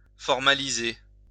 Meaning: 1. to formalize, legalize 2. to take offense
- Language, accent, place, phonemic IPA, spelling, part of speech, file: French, France, Lyon, /fɔʁ.ma.li.ze/, formaliser, verb, LL-Q150 (fra)-formaliser.wav